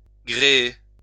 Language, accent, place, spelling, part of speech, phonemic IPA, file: French, France, Lyon, gréer, verb, /ɡʁe.e/, LL-Q150 (fra)-gréer.wav
- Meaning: to rig